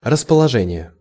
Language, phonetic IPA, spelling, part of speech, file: Russian, [rəspəɫɐˈʐɛnʲɪje], расположение, noun, Ru-расположение.ogg
- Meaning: 1. placement, arrangement, placing 2. situation, location, disposition 3. favour/favor, liking 4. inclination (to, for); disposition (to, for), propensity